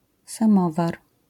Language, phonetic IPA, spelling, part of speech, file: Polish, [sãˈmɔvar], samowar, noun, LL-Q809 (pol)-samowar.wav